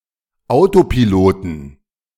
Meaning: 1. genitive singular of Autopilot 2. plural of Autopilot
- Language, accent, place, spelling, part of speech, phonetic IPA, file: German, Germany, Berlin, Autopiloten, noun, [ˈaʊ̯topiˌloːtn̩], De-Autopiloten.ogg